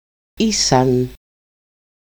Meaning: third-person plural imperfect of είμαι (eímai): "they were"
- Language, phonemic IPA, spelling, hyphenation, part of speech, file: Greek, /ˈisan/, ήσαν, ή‧σαν, verb, El-ήσαν.ogg